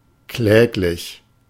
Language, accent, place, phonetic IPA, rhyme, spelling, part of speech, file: German, Germany, Berlin, [ˈklɛːklɪç], -ɛːklɪç, kläglich, adjective, De-kläglich.ogg
- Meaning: 1. pitiful, pathetic; miserable 2. despicable, deplorable